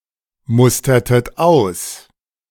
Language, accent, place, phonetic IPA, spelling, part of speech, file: German, Germany, Berlin, [ˌmʊstɐtət ˈaʊ̯s], mustertet aus, verb, De-mustertet aus.ogg
- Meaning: inflection of ausmustern: 1. second-person plural preterite 2. second-person plural subjunctive II